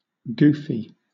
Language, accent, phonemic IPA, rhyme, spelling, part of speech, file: English, Southern England, /ˈɡuːfi/, -uːfi, goofy, adjective / noun / adverb, LL-Q1860 (eng)-goofy.wav
- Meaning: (adjective) Quirky or silly, often in a humorous manner; daft; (noun) Synonym of goof (“a foolish and/or silly person”)